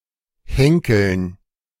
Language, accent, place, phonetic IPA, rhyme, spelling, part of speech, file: German, Germany, Berlin, [ˈhɛŋkl̩n], -ɛŋkl̩n, Henkeln, noun, De-Henkeln.ogg
- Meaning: dative plural of Henkel